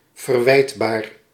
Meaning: culpable, blameworthy
- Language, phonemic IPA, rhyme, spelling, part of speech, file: Dutch, /vərˈʋɛi̯t.baːr/, -ɛi̯tbaːr, verwijtbaar, adjective, Nl-verwijtbaar.ogg